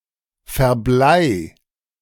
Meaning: 1. singular imperative of verbleien 2. first-person singular present of verbleien
- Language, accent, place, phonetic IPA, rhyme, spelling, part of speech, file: German, Germany, Berlin, [fɛɐ̯ˈblaɪ̯], -aɪ̯, verblei, verb, De-verblei.ogg